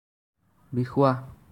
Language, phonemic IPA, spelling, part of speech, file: Assamese, /bi.xʊɑ/, বিষোৱা, adjective, As-বিষোৱা.ogg
- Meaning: paining, aching